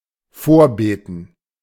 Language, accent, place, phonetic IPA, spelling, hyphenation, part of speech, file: German, Germany, Berlin, [ˈfoːɐ̯ˌbeːtn̩], vorbeten, vor‧be‧ten, verb, De-vorbeten.ogg
- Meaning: to lead a prayer